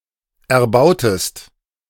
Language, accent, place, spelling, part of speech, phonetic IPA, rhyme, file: German, Germany, Berlin, erbautest, verb, [ɛɐ̯ˈbaʊ̯təst], -aʊ̯təst, De-erbautest.ogg
- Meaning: inflection of erbauen: 1. second-person singular preterite 2. second-person singular subjunctive II